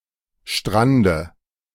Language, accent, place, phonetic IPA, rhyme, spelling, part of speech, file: German, Germany, Berlin, [ˈʃtʁandə], -andə, Strande, noun, De-Strande.ogg
- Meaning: dative of Strand